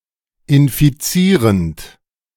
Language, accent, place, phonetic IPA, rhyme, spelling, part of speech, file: German, Germany, Berlin, [ɪnfiˈt͡siːʁənt], -iːʁənt, infizierend, verb, De-infizierend.ogg
- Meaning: present participle of infizieren